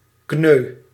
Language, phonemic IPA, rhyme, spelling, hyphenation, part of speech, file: Dutch, /knøː/, -øː, kneu, kneu, noun, Nl-kneu.ogg
- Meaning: common linnet (Linaria cannabina)